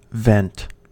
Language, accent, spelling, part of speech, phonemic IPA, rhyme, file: English, US, vent, noun / verb, /vɛnt/, -ɛnt, En-us-vent.ogg
- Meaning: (noun) 1. An opening through which gases, especially air, can pass 2. A small aperture 3. An opening in a volcano from which lava or gas flows